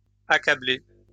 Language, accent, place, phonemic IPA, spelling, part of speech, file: French, France, Lyon, /a.ka.ble/, accablées, verb, LL-Q150 (fra)-accablées.wav
- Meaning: feminine plural of accablé